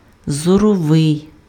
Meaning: 1. optical, optic (of or relating to eyesight) 2. visual (of or relating to vision)
- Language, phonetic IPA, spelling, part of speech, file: Ukrainian, [zɔrɔˈʋɪi̯], зоровий, adjective, Uk-зоровий.ogg